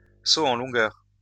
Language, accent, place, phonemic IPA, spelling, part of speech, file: French, France, Lyon, /so ɑ̃ lɔ̃.ɡœʁ/, saut en longueur, noun, LL-Q150 (fra)-saut en longueur.wav
- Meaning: long jump